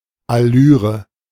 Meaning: affectation
- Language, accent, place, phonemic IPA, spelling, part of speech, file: German, Germany, Berlin, /aˈlyːʁə/, Allüre, noun, De-Allüre.ogg